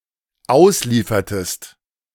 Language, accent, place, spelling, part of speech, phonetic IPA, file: German, Germany, Berlin, ausliefertest, verb, [ˈaʊ̯sˌliːfɐtəst], De-ausliefertest.ogg
- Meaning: inflection of ausliefern: 1. second-person singular dependent preterite 2. second-person singular dependent subjunctive II